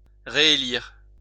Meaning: to reelect
- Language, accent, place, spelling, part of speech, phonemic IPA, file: French, France, Lyon, réélire, verb, /ʁe.e.liʁ/, LL-Q150 (fra)-réélire.wav